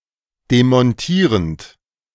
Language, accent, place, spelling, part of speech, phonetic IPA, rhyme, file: German, Germany, Berlin, demontierend, verb, [demɔnˈtiːʁənt], -iːʁənt, De-demontierend.ogg
- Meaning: present participle of demontieren